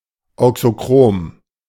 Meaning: auxochromic
- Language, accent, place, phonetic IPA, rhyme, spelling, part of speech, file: German, Germany, Berlin, [ˌaʊ̯ksoˈkʁoːm], -oːm, auxochrom, adjective, De-auxochrom.ogg